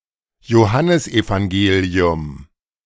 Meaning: the Gospel according to John
- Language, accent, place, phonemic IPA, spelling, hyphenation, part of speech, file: German, Germany, Berlin, /joˈhanəsʔevaŋˌɡeːli̯ʊm/, Johannesevangelium, Jo‧han‧nes‧evan‧ge‧li‧um, proper noun, De-Johannesevangelium.ogg